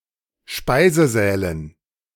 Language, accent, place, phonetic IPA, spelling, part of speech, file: German, Germany, Berlin, [ˈʃpaɪ̯zəˌzɛːlən], Speisesälen, noun, De-Speisesälen.ogg
- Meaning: dative plural of Speisesaal